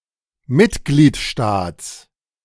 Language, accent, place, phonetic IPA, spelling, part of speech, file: German, Germany, Berlin, [ˈmɪtɡliːtˌʃtaːt͡s], Mitgliedstaats, noun, De-Mitgliedstaats.ogg
- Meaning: genitive singular of Mitgliedstaat